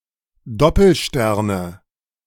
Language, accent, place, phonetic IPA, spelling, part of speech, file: German, Germany, Berlin, [ˈdɔpl̩ˌʃtɛʁnə], Doppelsterne, noun, De-Doppelsterne.ogg
- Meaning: nominative/accusative/genitive plural of Doppelstern